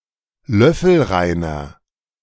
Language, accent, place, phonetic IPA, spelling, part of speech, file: German, Germany, Berlin, [ˈlœfl̩ˌʁaɪ̯nɐ], löffelreiner, adjective, De-löffelreiner.ogg
- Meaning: inflection of löffelrein: 1. strong/mixed nominative masculine singular 2. strong genitive/dative feminine singular 3. strong genitive plural